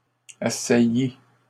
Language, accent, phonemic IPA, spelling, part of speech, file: French, Canada, /a.sa.ji/, assaillit, verb, LL-Q150 (fra)-assaillit.wav
- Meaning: third-person singular past historic of assaillir